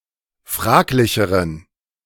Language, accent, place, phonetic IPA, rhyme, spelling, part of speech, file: German, Germany, Berlin, [ˈfʁaːklɪçəʁən], -aːklɪçəʁən, fraglicheren, adjective, De-fraglicheren.ogg
- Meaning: inflection of fraglich: 1. strong genitive masculine/neuter singular comparative degree 2. weak/mixed genitive/dative all-gender singular comparative degree